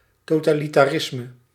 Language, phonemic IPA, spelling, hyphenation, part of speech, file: Dutch, /toːtaːlitaːˈrɪsmə/, totalitarisme, to‧ta‧li‧ta‧ris‧me, noun, Nl-totalitarisme.ogg
- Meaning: totalitarianism